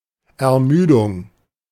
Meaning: 1. fatigue 2. weariness, tiredness
- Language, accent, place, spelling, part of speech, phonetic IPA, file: German, Germany, Berlin, Ermüdung, noun, [ɛɐ̯ˈmyːdʊŋ], De-Ermüdung.ogg